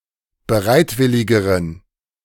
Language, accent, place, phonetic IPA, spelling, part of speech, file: German, Germany, Berlin, [bəˈʁaɪ̯tˌvɪlɪɡəʁən], bereitwilligeren, adjective, De-bereitwilligeren.ogg
- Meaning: inflection of bereitwillig: 1. strong genitive masculine/neuter singular comparative degree 2. weak/mixed genitive/dative all-gender singular comparative degree